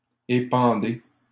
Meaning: inflection of épandre: 1. second-person plural present indicative 2. second-person plural imperative
- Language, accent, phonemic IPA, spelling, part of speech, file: French, Canada, /e.pɑ̃.de/, épandez, verb, LL-Q150 (fra)-épandez.wav